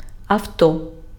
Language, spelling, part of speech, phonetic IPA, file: Ukrainian, авто, noun, [ɐu̯ˈtɔ], Uk-авто.ogg
- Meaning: car, automobile